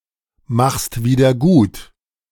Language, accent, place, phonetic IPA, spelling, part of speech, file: German, Germany, Berlin, [maxst ˌviːdɐ ˈɡuːt], machst wieder gut, verb, De-machst wieder gut.ogg
- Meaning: second-person singular present of wiedergutmachen